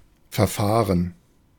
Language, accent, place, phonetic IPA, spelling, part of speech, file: German, Germany, Berlin, [fɛɐ̯ˈfaːʁən], verfahren, verb / adjective, De-verfahren.ogg
- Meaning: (verb) 1. to proceed, to deal with 2. to lose one's way, to get lost 3. past participle of verfahren; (adjective) muddled, stagnant, frustrating